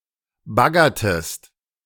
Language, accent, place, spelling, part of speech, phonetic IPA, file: German, Germany, Berlin, baggertest, verb, [ˈbaɡɐtəst], De-baggertest.ogg
- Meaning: inflection of baggern: 1. second-person singular preterite 2. second-person singular subjunctive II